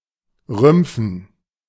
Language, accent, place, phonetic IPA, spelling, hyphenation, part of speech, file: German, Germany, Berlin, [ˈʁʏmp͡fn̩], rümpfen, rümp‧fen, verb, De-rümpfen.ogg
- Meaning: to wrinkle (especially a part of the face, the nose in particular, to show disapproval)